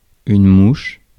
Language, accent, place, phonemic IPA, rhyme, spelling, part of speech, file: French, France, Paris, /muʃ/, -uʃ, mouche, noun / verb, Fr-mouche.ogg
- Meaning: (noun) 1. fly (insect) 2. bullseye (center of a target) 3. (espionage) a spy employed by the ancien régime to seek out subversive ideas 4. bee